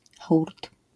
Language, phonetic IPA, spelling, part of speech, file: Polish, [xurt], hurt, noun, LL-Q809 (pol)-hurt.wav